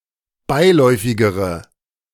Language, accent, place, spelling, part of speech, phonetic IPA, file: German, Germany, Berlin, beiläufigere, adjective, [ˈbaɪ̯ˌlɔɪ̯fɪɡəʁə], De-beiläufigere.ogg
- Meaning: inflection of beiläufig: 1. strong/mixed nominative/accusative feminine singular comparative degree 2. strong nominative/accusative plural comparative degree